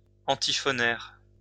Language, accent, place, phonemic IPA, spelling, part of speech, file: French, France, Lyon, /ɑ̃.ti.fɔ.nɛʁ/, antiphonaire, noun, LL-Q150 (fra)-antiphonaire.wav
- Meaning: antiphonary, antiphonal, antiphoner